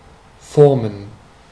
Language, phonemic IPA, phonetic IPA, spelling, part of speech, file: German, /ˈfɔʁmən/, [ˈfɔʁmn̩], formen, verb, De-formen.ogg
- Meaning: to form, to shape (to give something a shape)